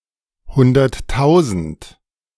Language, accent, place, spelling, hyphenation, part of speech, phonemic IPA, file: German, Germany, Berlin, hunderttausend, hun‧dert‧tau‧send, numeral, /ˌhʊndɐtˈtaʊ̯zn̩t/, De-hunderttausend.ogg
- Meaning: one hundred thousand